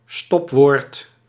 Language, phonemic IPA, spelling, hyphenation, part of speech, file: Dutch, /ˈstɔp.ʋoːrt/, stopwoord, stop‧woord, noun, Nl-stopwoord.ogg
- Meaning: 1. filled pause 2. safeword